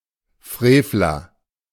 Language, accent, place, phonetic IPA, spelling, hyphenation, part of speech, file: German, Germany, Berlin, [ˈfʁeːflɐ], Frevler, Frev‧ler, noun, De-Frevler.ogg
- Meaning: evildoer, (pl.) wicked